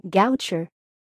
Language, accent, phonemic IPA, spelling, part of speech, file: English, US, /ˈɡaʊt͡ʃə(ɹ)/, Goucher, proper noun, En-US-Goucher.ogg
- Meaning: A surname